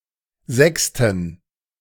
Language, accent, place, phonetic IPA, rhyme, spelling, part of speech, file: German, Germany, Berlin, [ˈzɛkstn̩], -ɛkstn̩, sechsten, adjective, De-sechsten.ogg
- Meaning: inflection of sechste: 1. strong genitive masculine/neuter singular 2. weak/mixed genitive/dative all-gender singular 3. strong/weak/mixed accusative masculine singular 4. strong dative plural